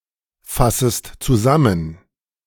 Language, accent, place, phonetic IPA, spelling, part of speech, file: German, Germany, Berlin, [ˌfasəst t͡suˈzamən], fassest zusammen, verb, De-fassest zusammen.ogg
- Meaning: second-person singular subjunctive I of zusammenfassen